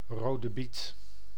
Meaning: beetroot, red beet
- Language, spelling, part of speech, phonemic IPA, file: Dutch, rode biet, noun, /ˌroː.də ˈbit/, Nl-rode biet.ogg